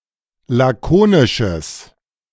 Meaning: strong/mixed nominative/accusative neuter singular of lakonisch
- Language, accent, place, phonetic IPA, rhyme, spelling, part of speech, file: German, Germany, Berlin, [ˌlaˈkoːnɪʃəs], -oːnɪʃəs, lakonisches, adjective, De-lakonisches.ogg